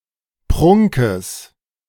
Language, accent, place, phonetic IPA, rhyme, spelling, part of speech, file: German, Germany, Berlin, [ˈpʁʊŋkəs], -ʊŋkəs, Prunkes, noun, De-Prunkes.ogg
- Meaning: genitive of Prunk